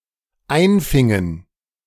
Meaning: inflection of einfangen: 1. first/third-person plural dependent preterite 2. first/third-person plural dependent subjunctive II
- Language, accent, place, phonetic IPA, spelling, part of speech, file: German, Germany, Berlin, [ˈaɪ̯nˌfɪŋən], einfingen, verb, De-einfingen.ogg